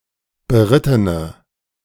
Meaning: inflection of beritten: 1. strong/mixed nominative/accusative feminine singular 2. strong nominative/accusative plural 3. weak nominative all-gender singular
- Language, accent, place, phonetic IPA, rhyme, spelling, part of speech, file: German, Germany, Berlin, [bəˈʁɪtənə], -ɪtənə, berittene, adjective, De-berittene.ogg